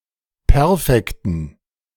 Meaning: dative plural of Perfekt
- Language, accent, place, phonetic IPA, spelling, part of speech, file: German, Germany, Berlin, [ˈpɛʁfɛktn̩], Perfekten, noun, De-Perfekten.ogg